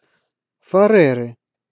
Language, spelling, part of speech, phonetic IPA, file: Russian, Фареры, proper noun, [fɐˈrɛrɨ], Ru-Фареры.ogg
- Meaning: Faroe Islands (an archipelago and self-governing autonomous territory of Denmark, in the North Atlantic Ocean between Scotland and Iceland)